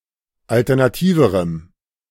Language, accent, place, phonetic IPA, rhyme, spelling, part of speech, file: German, Germany, Berlin, [ˌaltɛʁnaˈtiːvəʁəm], -iːvəʁəm, alternativerem, adjective, De-alternativerem.ogg
- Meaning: strong dative masculine/neuter singular comparative degree of alternativ